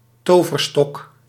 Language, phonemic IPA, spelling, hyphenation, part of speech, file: Dutch, /ˈtoː.vərˌstɔk/, toverstok, to‧ver‧stok, noun, Nl-toverstok.ogg
- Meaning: magic wand